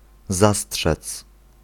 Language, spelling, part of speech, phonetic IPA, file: Polish, zastrzec, verb, [ˈzasṭʃɛt͡s], Pl-zastrzec.ogg